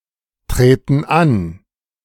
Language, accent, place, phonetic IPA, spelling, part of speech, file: German, Germany, Berlin, [ˌtʁeːtn̩ ˈan], treten an, verb, De-treten an.ogg
- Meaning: inflection of antreten: 1. first/third-person plural present 2. first/third-person plural subjunctive I